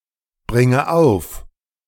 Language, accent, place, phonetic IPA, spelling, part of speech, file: German, Germany, Berlin, [ˌbʁɪŋə ˈaʊ̯f], bringe auf, verb, De-bringe auf.ogg
- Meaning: inflection of aufbringen: 1. first-person singular present 2. first/third-person singular subjunctive I 3. singular imperative